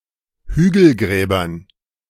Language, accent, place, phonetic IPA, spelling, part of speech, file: German, Germany, Berlin, [ˈhyːɡl̩ˌɡʁɛːbɐn], Hügelgräbern, noun, De-Hügelgräbern.ogg
- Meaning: dative plural of Hügelgrab